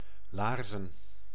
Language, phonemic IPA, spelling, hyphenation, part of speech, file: Dutch, /ˈlaːr.zə(n)/, laarzen, laar‧zen, verb / noun, Nl-laarzen.ogg
- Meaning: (verb) to whip or flog, usually with a rope, as historically applied as a punishment on ships; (noun) plural of laars